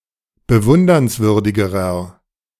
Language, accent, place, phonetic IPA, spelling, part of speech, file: German, Germany, Berlin, [bəˈvʊndɐnsˌvʏʁdɪɡəʁɐ], bewundernswürdigerer, adjective, De-bewundernswürdigerer.ogg
- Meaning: inflection of bewundernswürdig: 1. strong/mixed nominative masculine singular comparative degree 2. strong genitive/dative feminine singular comparative degree